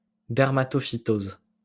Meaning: dermatophytosis
- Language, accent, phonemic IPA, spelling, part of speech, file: French, France, /dɛʁ.ma.tɔ.fi.toz/, dermatophytose, noun, LL-Q150 (fra)-dermatophytose.wav